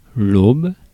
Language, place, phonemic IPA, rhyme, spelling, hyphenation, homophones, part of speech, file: French, Paris, /ob/, -ob, aube, aube, aubes, noun, Fr-aube.ogg
- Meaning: 1. dawn, sunrise, daybreak 2. beginning 3. alb 4. paddle, blade 5. vane (of windmill) 6. small plank